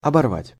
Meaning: 1. to tear/pluck off/round 2. to break, to tear 3. to break off (ties) (figurative), the figurative shift made in рвать (rvatʹ)
- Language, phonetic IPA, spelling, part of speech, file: Russian, [ɐbɐrˈvatʲ], оборвать, verb, Ru-оборвать.ogg